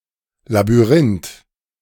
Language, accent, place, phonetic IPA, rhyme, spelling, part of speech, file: German, Germany, Berlin, [labyˈʁɪnt], -ɪnt, Labyrinth, noun, De-Labyrinth.ogg
- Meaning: 1. labyrinth 2. labyrinth, maze (technically not quite correct, compare Labyrinth and Maze)